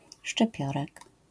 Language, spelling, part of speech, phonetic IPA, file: Polish, szczypiorek, noun, [ʃt͡ʃɨˈpʲjɔrɛk], LL-Q809 (pol)-szczypiorek.wav